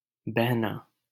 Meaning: 1. to flow 2. to drift 3. to float
- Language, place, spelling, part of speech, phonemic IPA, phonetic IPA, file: Hindi, Delhi, बहना, verb, /bəɦ.nɑː/, [bɛʱ.näː], LL-Q1568 (hin)-बहना.wav